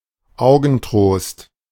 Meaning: 1. eyebright 2. bobby-dazzler, a thing or person comforting to look upon
- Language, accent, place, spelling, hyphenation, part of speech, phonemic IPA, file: German, Germany, Berlin, Augentrost, Au‧gen‧trost, noun, /ˈaʊ̯ɡn̩ˌtʁoːst/, De-Augentrost.ogg